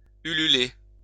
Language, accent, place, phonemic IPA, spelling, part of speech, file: French, France, Lyon, /y.ly.le/, ululer, verb, LL-Q150 (fra)-ululer.wav
- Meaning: to hoot (to make the cry of an owl)